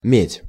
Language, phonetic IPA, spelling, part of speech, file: Russian, [mʲetʲ], медь, noun, Ru-медь.ogg
- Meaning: copper